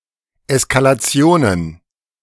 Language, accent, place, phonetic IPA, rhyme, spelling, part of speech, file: German, Germany, Berlin, [ɛskalaˈt͡si̯oːnən], -oːnən, Eskalationen, noun, De-Eskalationen.ogg
- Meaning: plural of Eskalation